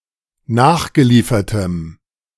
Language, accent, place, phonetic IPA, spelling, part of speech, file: German, Germany, Berlin, [ˈnaːxɡəˌliːfɐtəm], nachgeliefertem, adjective, De-nachgeliefertem.ogg
- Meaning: strong dative masculine/neuter singular of nachgeliefert